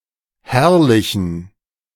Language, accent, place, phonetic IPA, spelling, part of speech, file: German, Germany, Berlin, [ˈhɛʁlɪçn̩], herrlichen, adjective, De-herrlichen.ogg
- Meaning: inflection of herrlich: 1. strong genitive masculine/neuter singular 2. weak/mixed genitive/dative all-gender singular 3. strong/weak/mixed accusative masculine singular 4. strong dative plural